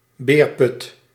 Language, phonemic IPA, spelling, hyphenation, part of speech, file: Dutch, /ˈbeːr.pʏt/, beerput, beer‧put, noun, Nl-beerput.ogg
- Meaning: cesspool, storage for effluent waste